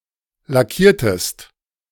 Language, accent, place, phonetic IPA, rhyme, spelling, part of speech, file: German, Germany, Berlin, [laˈkiːɐ̯təst], -iːɐ̯təst, lackiertest, verb, De-lackiertest.ogg
- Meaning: inflection of lackieren: 1. second-person singular preterite 2. second-person singular subjunctive II